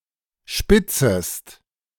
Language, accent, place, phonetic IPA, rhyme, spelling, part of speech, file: German, Germany, Berlin, [ˈʃpɪt͡səst], -ɪt͡səst, spitzest, verb, De-spitzest.ogg
- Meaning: second-person singular subjunctive I of spitzen